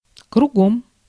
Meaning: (adverb) around, round; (preposition) around; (interjection) about turn, about face
- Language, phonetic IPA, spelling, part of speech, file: Russian, [krʊˈɡom], кругом, adverb / preposition / interjection, Ru-кругом.ogg